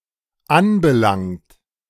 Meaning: past participle of anbelangen
- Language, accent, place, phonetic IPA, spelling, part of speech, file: German, Germany, Berlin, [ˈanbəˌlaŋt], anbelangt, verb, De-anbelangt.ogg